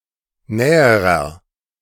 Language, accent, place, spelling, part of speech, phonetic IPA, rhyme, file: German, Germany, Berlin, näherer, adjective, [ˈnɛːəʁɐ], -ɛːəʁɐ, De-näherer.ogg
- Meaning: inflection of nah: 1. strong/mixed nominative masculine singular comparative degree 2. strong genitive/dative feminine singular comparative degree 3. strong genitive plural comparative degree